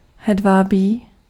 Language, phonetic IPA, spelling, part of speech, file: Czech, [ˈɦɛdvaːbiː], hedvábí, noun, Cs-hedvábí.ogg
- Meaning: silk